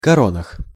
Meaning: prepositional plural of коро́на (koróna)
- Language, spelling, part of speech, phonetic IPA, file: Russian, коронах, noun, [kɐˈronəx], Ru-коронах.ogg